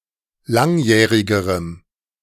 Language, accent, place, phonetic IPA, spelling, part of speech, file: German, Germany, Berlin, [ˈlaŋˌjɛːʁɪɡəʁəm], langjährigerem, adjective, De-langjährigerem.ogg
- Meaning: strong dative masculine/neuter singular comparative degree of langjährig